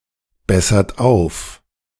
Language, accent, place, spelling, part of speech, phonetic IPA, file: German, Germany, Berlin, bessert auf, verb, [ˌbɛsɐt ˈaʊ̯f], De-bessert auf.ogg
- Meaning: inflection of aufbessern: 1. third-person singular present 2. second-person plural present 3. plural imperative